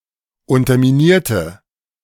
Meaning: inflection of unterminiert: 1. strong/mixed nominative/accusative feminine singular 2. strong nominative/accusative plural 3. weak nominative all-gender singular
- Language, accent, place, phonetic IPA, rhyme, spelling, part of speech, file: German, Germany, Berlin, [ˌʊntɐmiˈniːɐ̯tə], -iːɐ̯tə, unterminierte, adjective / verb, De-unterminierte.ogg